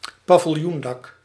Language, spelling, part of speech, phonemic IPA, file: Dutch, paviljoendak, noun, /paːvɪlˈjundɑk/, Nl-paviljoendak.ogg
- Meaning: tented roof